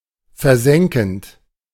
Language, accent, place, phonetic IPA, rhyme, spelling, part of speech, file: German, Germany, Berlin, [fɛɐ̯ˈzɛŋkn̩t], -ɛŋkn̩t, versenkend, verb, De-versenkend.ogg
- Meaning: present participle of versenken